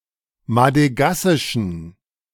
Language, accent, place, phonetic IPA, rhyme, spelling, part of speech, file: German, Germany, Berlin, [madəˈɡasɪʃn̩], -asɪʃn̩, madegassischen, adjective, De-madegassischen.ogg
- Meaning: inflection of madegassisch: 1. strong genitive masculine/neuter singular 2. weak/mixed genitive/dative all-gender singular 3. strong/weak/mixed accusative masculine singular 4. strong dative plural